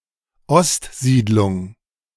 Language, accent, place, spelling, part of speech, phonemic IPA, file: German, Germany, Berlin, Ostsiedlung, noun, /ˈɔstˌziːdlʊŋ/, De-Ostsiedlung.ogg
- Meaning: The medieval eastward migration and settlement of Germanic-speaking peoples from the Holy Roman Empire